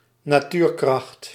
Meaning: 1. a force of nature, such as the elements and geological forces 2. an impressively forceful 'wild' person or creature
- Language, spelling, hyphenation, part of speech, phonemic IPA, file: Dutch, natuurkracht, na‧tuur‧kracht, noun, /naːˈtyːrˌkrɑxt/, Nl-natuurkracht.ogg